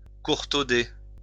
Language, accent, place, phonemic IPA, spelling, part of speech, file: French, France, Lyon, /kuʁ.to.de/, courtauder, verb, LL-Q150 (fra)-courtauder.wav
- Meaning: to dock (cut the tail of an animal)